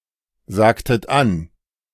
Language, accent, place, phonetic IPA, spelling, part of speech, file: German, Germany, Berlin, [ˌzaːktət ˈan], sagtet an, verb, De-sagtet an.ogg
- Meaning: inflection of ansagen: 1. second-person plural preterite 2. second-person plural subjunctive II